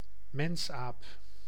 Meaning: ape, any member of the superfamily Hominoidea
- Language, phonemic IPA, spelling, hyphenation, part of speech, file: Dutch, /ˈmɛnsaːp/, mensaap, mens‧aap, noun, Nl-mensaap.ogg